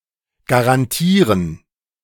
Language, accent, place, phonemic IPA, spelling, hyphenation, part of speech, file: German, Germany, Berlin, /ɡaʁanˈtiːʁən/, garantieren, ga‧ran‧tie‧ren, verb, De-garantieren.ogg
- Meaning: to guarantee